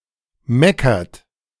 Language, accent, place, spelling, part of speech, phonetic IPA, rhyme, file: German, Germany, Berlin, meckert, verb, [ˈmɛkɐt], -ɛkɐt, De-meckert.ogg
- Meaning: inflection of meckern: 1. third-person singular present 2. second-person plural present 3. plural imperative